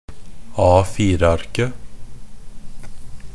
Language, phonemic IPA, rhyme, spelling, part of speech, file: Norwegian Bokmål, /ɑːfiːrəarkə/, -arkə, A4-arket, noun, NB - Pronunciation of Norwegian Bokmål «A4-arket».ogg
- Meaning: definite singular of A4-ark